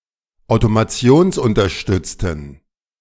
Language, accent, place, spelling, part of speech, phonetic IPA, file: German, Germany, Berlin, automationsunterstützten, adjective, [aʊ̯tomaˈt͡si̯oːnsʔʊntɐˌʃtʏt͡stn̩], De-automationsunterstützten.ogg
- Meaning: inflection of automationsunterstützt: 1. strong genitive masculine/neuter singular 2. weak/mixed genitive/dative all-gender singular 3. strong/weak/mixed accusative masculine singular